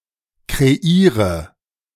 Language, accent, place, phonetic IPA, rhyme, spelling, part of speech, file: German, Germany, Berlin, [kʁeˈiːʁə], -iːʁə, kreiere, verb, De-kreiere.ogg
- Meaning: inflection of kreieren: 1. first-person singular present 2. first/third-person singular subjunctive I 3. singular imperative